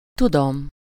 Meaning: first-person singular indicative present definite of tud
- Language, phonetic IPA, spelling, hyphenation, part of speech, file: Hungarian, [ˈtudom], tudom, tu‧dom, verb, Hu-tudom.ogg